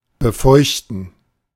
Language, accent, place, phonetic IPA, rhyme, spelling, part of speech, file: German, Germany, Berlin, [bəˈfɔɪ̯çtn̩], -ɔɪ̯çtn̩, befeuchten, verb, De-befeuchten.ogg
- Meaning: to moisten, wet